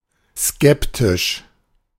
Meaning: skeptical, sceptical
- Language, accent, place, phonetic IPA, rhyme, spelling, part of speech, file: German, Germany, Berlin, [ˈskɛptɪʃ], -ɛptɪʃ, skeptisch, adjective, De-skeptisch.ogg